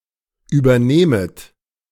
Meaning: second-person plural subjunctive I of übernehmen
- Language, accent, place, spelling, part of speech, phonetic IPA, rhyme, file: German, Germany, Berlin, übernehmet, verb, [yːbɐˈneːmət], -eːmət, De-übernehmet.ogg